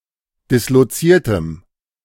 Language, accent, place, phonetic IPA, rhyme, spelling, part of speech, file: German, Germany, Berlin, [dɪsloˈt͡siːɐ̯təm], -iːɐ̯təm, disloziertem, adjective, De-disloziertem.ogg
- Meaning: strong dative masculine/neuter singular of disloziert